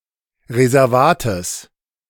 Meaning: genitive singular of Reservat
- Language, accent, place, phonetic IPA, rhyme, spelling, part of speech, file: German, Germany, Berlin, [ʁezɛʁˈvaːtəs], -aːtəs, Reservates, noun, De-Reservates.ogg